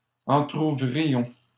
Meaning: inflection of entrouvrir: 1. first-person plural imperfect indicative 2. first-person plural present subjunctive
- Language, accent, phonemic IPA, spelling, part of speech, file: French, Canada, /ɑ̃.tʁu.vʁi.jɔ̃/, entrouvrions, verb, LL-Q150 (fra)-entrouvrions.wav